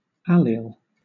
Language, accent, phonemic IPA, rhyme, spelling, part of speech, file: English, Southern England, /ˈæl.iːl/, -iːl, allele, noun, LL-Q1860 (eng)-allele.wav
- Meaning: One of a number of alternative forms of the same gene occupying a given position, or locus, on a chromosome